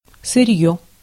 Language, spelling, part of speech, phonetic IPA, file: Russian, сырьё, noun, [sɨˈrʲjɵ], Ru-сырьё.ogg
- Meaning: raw material, staple, stock (material in its unprocessed, natural state)